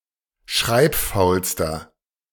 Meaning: inflection of schreibfaul: 1. strong/mixed nominative masculine singular superlative degree 2. strong genitive/dative feminine singular superlative degree 3. strong genitive plural superlative degree
- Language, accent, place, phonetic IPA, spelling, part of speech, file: German, Germany, Berlin, [ˈʃʁaɪ̯pˌfaʊ̯lstɐ], schreibfaulster, adjective, De-schreibfaulster.ogg